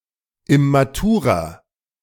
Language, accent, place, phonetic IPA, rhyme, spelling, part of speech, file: German, Germany, Berlin, [ɪmaˈtuːʁɐ], -uːʁɐ, immaturer, adjective, De-immaturer.ogg
- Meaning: inflection of immatur: 1. strong/mixed nominative masculine singular 2. strong genitive/dative feminine singular 3. strong genitive plural